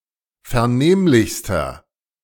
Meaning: inflection of vernehmlich: 1. strong/mixed nominative masculine singular superlative degree 2. strong genitive/dative feminine singular superlative degree 3. strong genitive plural superlative degree
- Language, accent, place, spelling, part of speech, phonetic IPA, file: German, Germany, Berlin, vernehmlichster, adjective, [fɛɐ̯ˈneːmlɪçstɐ], De-vernehmlichster.ogg